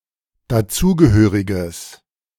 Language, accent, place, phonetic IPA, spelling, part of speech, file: German, Germany, Berlin, [daˈt͡suːɡəˌhøːʁɪɡəs], dazugehöriges, adjective, De-dazugehöriges.ogg
- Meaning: strong/mixed nominative/accusative neuter singular of dazugehörig